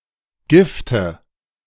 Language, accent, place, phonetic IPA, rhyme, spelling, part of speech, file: German, Germany, Berlin, [ˈɡɪftə], -ɪftə, Gifte, noun, De-Gifte.ogg
- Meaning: nominative/accusative/genitive plural of Gift